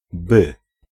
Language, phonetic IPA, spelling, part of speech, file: Polish, [bɨ], by, conjunction / particle, Pl-by.ogg